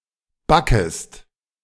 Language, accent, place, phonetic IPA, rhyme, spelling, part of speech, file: German, Germany, Berlin, [ˈbakəst], -akəst, backest, verb, De-backest.ogg
- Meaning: second-person singular subjunctive I of backen